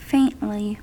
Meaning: In a faint manner; very quietly or lightly
- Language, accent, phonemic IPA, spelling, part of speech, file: English, US, /ˈfeɪntli/, faintly, adverb, En-us-faintly.ogg